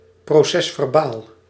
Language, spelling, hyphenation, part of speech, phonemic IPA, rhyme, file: Dutch, proces-verbaal, pro‧ces-ver‧baal, noun, /proːˌsɛs.fɛrˈbaːl/, -aːl, Nl-proces-verbaal.ogg
- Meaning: complaint, law enforcement account or report